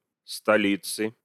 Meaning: inflection of столи́ца (stolíca): 1. genitive singular 2. nominative/accusative plural
- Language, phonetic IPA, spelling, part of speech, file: Russian, [stɐˈlʲit͡sɨ], столицы, noun, Ru-столицы.ogg